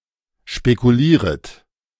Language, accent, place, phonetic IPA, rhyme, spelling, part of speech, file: German, Germany, Berlin, [ʃpekuˈliːʁət], -iːʁət, spekulieret, verb, De-spekulieret.ogg
- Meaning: second-person plural subjunctive I of spekulieren